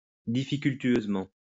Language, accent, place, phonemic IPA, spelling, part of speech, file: French, France, Lyon, /di.fi.kyl.tɥøz.mɑ̃/, difficultueusement, adverb, LL-Q150 (fra)-difficultueusement.wav
- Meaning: problematically